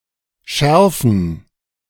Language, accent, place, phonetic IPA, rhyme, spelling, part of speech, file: German, Germany, Berlin, [ˈʃɛʁfn̩], -ɛʁfn̩, Schärfen, noun, De-Schärfen.ogg
- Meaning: plural of Schärfe